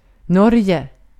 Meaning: Norway (a country in Scandinavia in Northern Europe; capital and largest city: Oslo)
- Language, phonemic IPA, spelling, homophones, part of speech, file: Swedish, /ˈnɔrjɛ/, Norge, Norje, proper noun, Sv-Norge.ogg